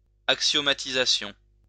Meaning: axiomatization
- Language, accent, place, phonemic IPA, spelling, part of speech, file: French, France, Lyon, /ak.sjɔ.ma.ti.za.sjɔ̃/, axiomatisation, noun, LL-Q150 (fra)-axiomatisation.wav